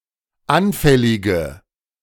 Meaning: inflection of anfällig: 1. strong/mixed nominative/accusative feminine singular 2. strong nominative/accusative plural 3. weak nominative all-gender singular
- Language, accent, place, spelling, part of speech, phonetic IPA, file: German, Germany, Berlin, anfällige, adjective, [ˈanfɛlɪɡə], De-anfällige.ogg